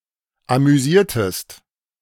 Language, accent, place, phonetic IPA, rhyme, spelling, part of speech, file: German, Germany, Berlin, [amyˈziːɐ̯təst], -iːɐ̯təst, amüsiertest, verb, De-amüsiertest.ogg
- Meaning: inflection of amüsieren: 1. second-person singular preterite 2. second-person singular subjunctive II